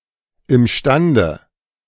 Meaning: capable
- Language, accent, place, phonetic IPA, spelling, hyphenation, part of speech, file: German, Germany, Berlin, [ˌɪmˈʃtandə], imstande, im‧stan‧de, adverb, De-imstande.ogg